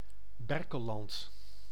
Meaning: Berkelland (a municipality of Gelderland, Netherlands)
- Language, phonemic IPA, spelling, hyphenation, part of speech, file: Dutch, /ˈbɛr.kə(l)ˌlɑnt/, Berkelland, Ber‧kel‧land, proper noun, Nl-Berkelland.ogg